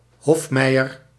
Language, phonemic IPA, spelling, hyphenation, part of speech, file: Dutch, /ˈɦɔfˌmɛi̯.ər/, hofmeier, hof‧mei‧er, noun, Nl-hofmeier.ogg
- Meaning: 1. mayor of the palace, steward, majordomo (steward of the Merovingian kings) 2. steward, intendant, majordomo